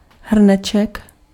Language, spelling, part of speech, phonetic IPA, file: Czech, hrneček, noun, [ˈɦr̩nɛt͡ʃɛk], Cs-hrneček.ogg
- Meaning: diminutive of hrnec